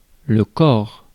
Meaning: 1. body 2. corpse 3. corps 4. field 5. body (shank of a type)
- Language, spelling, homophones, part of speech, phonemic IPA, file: French, corps, cor / cors, noun, /kɔʁ/, Fr-corps.ogg